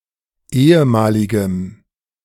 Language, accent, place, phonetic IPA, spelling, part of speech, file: German, Germany, Berlin, [ˈeːəˌmaːlɪɡəm], ehemaligem, adjective, De-ehemaligem.ogg
- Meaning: strong dative masculine/neuter singular of ehemalig